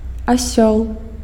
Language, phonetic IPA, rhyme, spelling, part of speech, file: Belarusian, [aˈsʲoɫ], -oɫ, асёл, noun, Be-асёл.ogg
- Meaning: donkey, ass